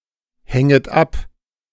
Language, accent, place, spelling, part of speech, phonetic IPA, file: German, Germany, Berlin, hänget ab, verb, [ˌhɛŋət ˈap], De-hänget ab.ogg
- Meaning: second-person plural subjunctive I of abhängen